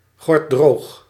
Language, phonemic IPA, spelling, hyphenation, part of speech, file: Dutch, /ɣɔrtˈdroːx/, gortdroog, gort‧droog, adjective, Nl-gortdroog.ogg
- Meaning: 1. bone-dry (very dry) 2. extremely deadpan